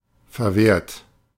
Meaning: 1. past participle of verwehren 2. inflection of verwehren: third-person singular present 3. inflection of verwehren: second-person plural present 4. inflection of verwehren: plural imperative
- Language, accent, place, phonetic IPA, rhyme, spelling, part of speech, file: German, Germany, Berlin, [fɛɐ̯ˈveːɐ̯t], -eːɐ̯t, verwehrt, verb, De-verwehrt.ogg